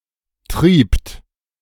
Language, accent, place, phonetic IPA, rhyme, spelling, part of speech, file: German, Germany, Berlin, [tʁiːpt], -iːpt, triebt, verb, De-triebt.ogg
- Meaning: second-person plural preterite of treiben